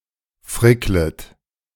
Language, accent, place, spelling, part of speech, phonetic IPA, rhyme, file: German, Germany, Berlin, fricklet, verb, [ˈfʁɪklət], -ɪklət, De-fricklet.ogg
- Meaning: second-person plural subjunctive I of frickeln